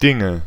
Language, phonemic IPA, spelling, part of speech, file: German, /ˈdɪŋə/, Dinge, noun, De-Dinge.ogg
- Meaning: nominative/accusative/genitive plural of Ding